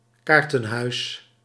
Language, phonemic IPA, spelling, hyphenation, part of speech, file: Dutch, /ˈkaːr.tə(n)ˌɦœy̯s/, kaartenhuis, kaar‧ten‧huis, noun, Nl-kaartenhuis.ogg
- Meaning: house of cards: 1. structure made up of playing cards 2. anything with a shaky foundation